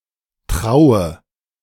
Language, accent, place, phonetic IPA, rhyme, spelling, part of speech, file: German, Germany, Berlin, [ˈtʁaʊ̯ə], -aʊ̯ə, traue, verb, De-traue.ogg
- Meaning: inflection of trauen: 1. first-person singular present 2. first/third-person singular subjunctive I 3. singular imperative